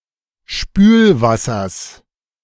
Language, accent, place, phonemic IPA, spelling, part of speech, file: German, Germany, Berlin, /ˈʃpyːlˌvasɐs/, Spülwassers, noun, De-Spülwassers.ogg
- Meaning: genitive of Spülwasser